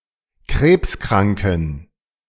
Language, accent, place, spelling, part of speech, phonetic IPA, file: German, Germany, Berlin, krebskranken, adjective, [ˈkʁeːpsˌkʁaŋkn̩], De-krebskranken.ogg
- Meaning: inflection of krebskrank: 1. strong genitive masculine/neuter singular 2. weak/mixed genitive/dative all-gender singular 3. strong/weak/mixed accusative masculine singular 4. strong dative plural